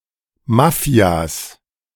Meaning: plural of Mafia
- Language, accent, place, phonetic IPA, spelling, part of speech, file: German, Germany, Berlin, [ˈmafi̯as], Mafias, noun, De-Mafias.ogg